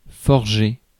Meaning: 1. to fashion metal with fire and a hammer, to forge 2. to forge, falsify 3. to create, to conceive, to make up 4. to create, to conceive, to make up: to coin (a word or phrase) 5. to trot
- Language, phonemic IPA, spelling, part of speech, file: French, /fɔʁ.ʒe/, forger, verb, Fr-forger.ogg